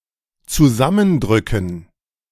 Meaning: to compress; to press together
- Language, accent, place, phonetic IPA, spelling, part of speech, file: German, Germany, Berlin, [t͡suˈzamənˌdʁʏkn̩], zusammendrücken, verb, De-zusammendrücken.ogg